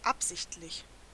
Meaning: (adjective) intentional; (adverb) intentionally
- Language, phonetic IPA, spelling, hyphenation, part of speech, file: German, [ˈapzɪçtlɪç], absichtlich, ab‧sicht‧lich, adjective / adverb, De-absichtlich.ogg